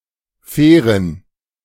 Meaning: inflection of fair: 1. strong genitive masculine/neuter singular 2. weak/mixed genitive/dative all-gender singular 3. strong/weak/mixed accusative masculine singular 4. strong dative plural
- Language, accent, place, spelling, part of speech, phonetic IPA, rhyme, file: German, Germany, Berlin, fairen, adjective, [ˈfɛːʁən], -ɛːʁən, De-fairen.ogg